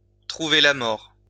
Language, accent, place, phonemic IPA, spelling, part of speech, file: French, France, Lyon, /tʁu.ve la mɔʁ/, trouver la mort, verb, LL-Q150 (fra)-trouver la mort.wav
- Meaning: to lose one's life; to die, especially when violent or accidental